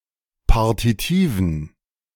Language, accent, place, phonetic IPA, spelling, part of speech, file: German, Germany, Berlin, [ˈpaʁtitiːvn̩], Partitiven, noun, De-Partitiven.ogg
- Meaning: dative plural of Partitiv